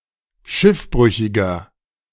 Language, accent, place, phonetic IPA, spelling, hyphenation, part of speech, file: German, Germany, Berlin, [ˈʃɪfˌbʁʏçɪɡɐ], Schiffbrüchiger, Schiff‧brü‧chi‧ger, noun, De-Schiffbrüchiger.ogg
- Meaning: 1. castaway (male or of unspecified gender) 2. inflection of Schiffbrüchige: strong genitive/dative singular 3. inflection of Schiffbrüchige: strong genitive plural